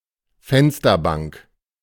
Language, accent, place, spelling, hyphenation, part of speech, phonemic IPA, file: German, Germany, Berlin, Fensterbank, Fens‧ter‧bank, noun, /ˈfɛnstɐˌbaŋk/, De-Fensterbank.ogg
- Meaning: windowsill